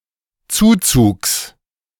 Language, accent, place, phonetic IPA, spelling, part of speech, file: German, Germany, Berlin, [ˈt͡suːt͡suːks], Zuzugs, noun, De-Zuzugs.ogg
- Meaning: genitive singular of Zuzug